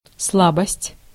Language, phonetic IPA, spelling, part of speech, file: Russian, [ˈsɫabəsʲtʲ], слабость, noun, Ru-слабость.ogg
- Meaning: 1. weakness, feebleness 2. weak point